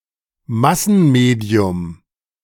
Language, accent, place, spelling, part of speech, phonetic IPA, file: German, Germany, Berlin, Massenmedium, noun, [ˈmasn̩ˌmeːdi̯ʊm], De-Massenmedium.ogg
- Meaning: mass medium